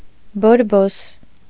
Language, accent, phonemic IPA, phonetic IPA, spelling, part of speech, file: Armenian, Eastern Armenian, /boɾˈbos/, [boɾbós], բորբոս, noun, Hy-բորբոս.ogg
- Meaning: 1. mold 2. mildew